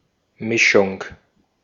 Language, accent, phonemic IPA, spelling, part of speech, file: German, Austria, /ˈmɪʃʊŋ/, Mischung, noun, De-at-Mischung.ogg
- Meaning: 1. mix, mixture 2. shuffle